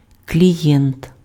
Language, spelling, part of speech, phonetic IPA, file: Ukrainian, клієнт, noun, [klʲiˈjɛnt], Uk-клієнт.ogg
- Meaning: 1. client 2. client, customer